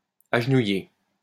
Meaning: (adjective) kneeling, in a kneeling position; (verb) past participle of agenouiller
- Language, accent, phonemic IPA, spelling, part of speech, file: French, France, /aʒ.nu.je/, agenouillé, adjective / verb, LL-Q150 (fra)-agenouillé.wav